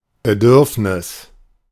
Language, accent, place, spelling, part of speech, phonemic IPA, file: German, Germany, Berlin, Bedürfnis, noun, /bəˈdʏʁfnɪs/, De-Bedürfnis.ogg
- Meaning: 1. desire, urge 2. need, necessity